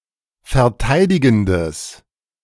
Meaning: strong/mixed nominative/accusative neuter singular of verteidigend
- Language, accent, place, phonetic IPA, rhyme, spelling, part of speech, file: German, Germany, Berlin, [fɛɐ̯ˈtaɪ̯dɪɡn̩dəs], -aɪ̯dɪɡn̩dəs, verteidigendes, adjective, De-verteidigendes.ogg